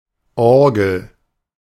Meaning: organ
- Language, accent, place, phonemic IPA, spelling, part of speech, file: German, Germany, Berlin, /ˈɔʁɡl̩/, Orgel, noun, De-Orgel.ogg